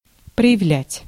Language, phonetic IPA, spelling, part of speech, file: Russian, [prə(j)ɪˈvlʲætʲ], проявлять, verb, Ru-проявлять.ogg
- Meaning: 1. to show, to display, to evince, to manifest, to reveal 2. to develop